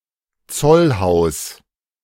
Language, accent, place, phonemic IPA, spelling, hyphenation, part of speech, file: German, Germany, Berlin, /ˈt͡sɔlˌhaʊ̯s/, Zollhaus, Zoll‧haus, noun, De-Zollhaus.ogg
- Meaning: custom house